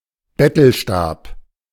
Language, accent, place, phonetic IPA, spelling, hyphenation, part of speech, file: German, Germany, Berlin, [ˈbɛtl̩ˌʃtaːp], Bettelstab, Bet‧tel‧stab, noun, De-Bettelstab.ogg
- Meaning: beggar's staff